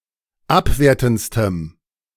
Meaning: strong dative masculine/neuter singular superlative degree of abwertend
- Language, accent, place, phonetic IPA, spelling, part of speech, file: German, Germany, Berlin, [ˈapˌveːɐ̯tn̩t͡stəm], abwertendstem, adjective, De-abwertendstem.ogg